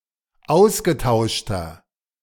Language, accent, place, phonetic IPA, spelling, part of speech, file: German, Germany, Berlin, [ˈaʊ̯sɡəˌtaʊ̯ʃtɐ], ausgetauschter, adjective, De-ausgetauschter.ogg
- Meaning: inflection of ausgetauscht: 1. strong/mixed nominative masculine singular 2. strong genitive/dative feminine singular 3. strong genitive plural